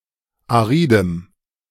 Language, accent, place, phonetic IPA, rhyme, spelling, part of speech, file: German, Germany, Berlin, [aˈʁiːdəm], -iːdəm, aridem, adjective, De-aridem.ogg
- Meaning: strong dative masculine/neuter singular of arid